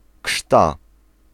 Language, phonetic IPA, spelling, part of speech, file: Polish, [kʃta], krzta, noun, Pl-krzta.ogg